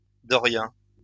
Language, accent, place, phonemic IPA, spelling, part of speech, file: French, France, Lyon, /dɔ.ʁjɛ̃/, dorien, adjective / noun, LL-Q150 (fra)-dorien.wav
- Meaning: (adjective) Dorian; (noun) Doric (dialect of the Ancient Greek language)